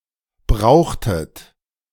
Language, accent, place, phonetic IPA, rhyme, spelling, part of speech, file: German, Germany, Berlin, [ˈbʁaʊ̯xtət], -aʊ̯xtət, brauchtet, verb, De-brauchtet.ogg
- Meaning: inflection of brauchen: 1. second-person plural preterite 2. second-person plural subjunctive II